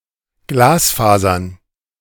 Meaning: plural of Glasfaser
- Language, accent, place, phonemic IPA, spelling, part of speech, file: German, Germany, Berlin, /ˈɡlaːsˌfaːzɐn/, Glasfasern, noun, De-Glasfasern.ogg